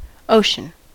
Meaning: 1. One of the large bodies of water separating the continents 2. Water belonging to an ocean 3. An immense expanse; any vast space or quantity without apparent limits
- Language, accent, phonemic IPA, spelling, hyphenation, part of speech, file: English, US, /ˈoʊ.ʃən/, ocean, o‧cean, noun, En-us-ocean.ogg